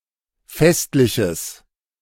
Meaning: strong/mixed nominative/accusative neuter singular of festlich
- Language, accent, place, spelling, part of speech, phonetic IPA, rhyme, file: German, Germany, Berlin, festliches, adjective, [ˈfɛstlɪçəs], -ɛstlɪçəs, De-festliches.ogg